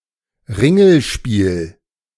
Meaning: carousel, merry-go-round, roundabout
- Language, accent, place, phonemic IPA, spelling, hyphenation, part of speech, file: German, Germany, Berlin, /ˈʁɪŋl̩ˌʃpiːl/, Ringelspiel, Rin‧gel‧spiel, noun, De-Ringelspiel.ogg